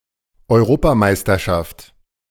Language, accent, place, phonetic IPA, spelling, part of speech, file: German, Germany, Berlin, [ɔɪ̯ˈʁoːpaˌmaɪ̯stɐʃaft], Europameisterschaft, noun, De-Europameisterschaft.ogg
- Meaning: 1. European championship 2. European championship: Euros